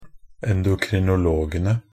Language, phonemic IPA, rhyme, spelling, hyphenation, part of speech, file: Norwegian Bokmål, /ɛndʊkrɪnʊˈloːɡənə/, -ənə, endokrinologene, en‧do‧kri‧no‧log‧en‧e, noun, Nb-endokrinologene.ogg
- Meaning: definite plural of endokrinolog